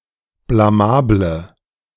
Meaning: inflection of blamabel: 1. strong/mixed nominative/accusative feminine singular 2. strong nominative/accusative plural 3. weak nominative all-gender singular
- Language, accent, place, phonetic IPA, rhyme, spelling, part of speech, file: German, Germany, Berlin, [blaˈmaːblə], -aːblə, blamable, adjective, De-blamable.ogg